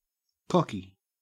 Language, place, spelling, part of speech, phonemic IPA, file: English, Queensland, cocky, adjective / noun / verb, /ˈkɔki/, En-au-cocky.oga
- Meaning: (adjective) Overly confident; arrogant and boastful; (noun) 1. Used as a term of endearment, originally for a person of either sex, but later primarily for a man 2. A familiar name for a cockatoo